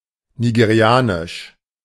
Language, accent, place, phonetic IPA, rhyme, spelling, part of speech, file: German, Germany, Berlin, [niɡeˈʁi̯aːnɪʃ], -aːnɪʃ, nigerianisch, adjective, De-nigerianisch.ogg
- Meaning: of Nigeria; Nigerian